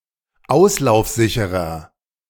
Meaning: 1. comparative degree of auslaufsicher 2. inflection of auslaufsicher: strong/mixed nominative masculine singular 3. inflection of auslaufsicher: strong genitive/dative feminine singular
- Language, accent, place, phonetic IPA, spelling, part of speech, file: German, Germany, Berlin, [ˈaʊ̯slaʊ̯fˌzɪçəʁɐ], auslaufsicherer, adjective, De-auslaufsicherer.ogg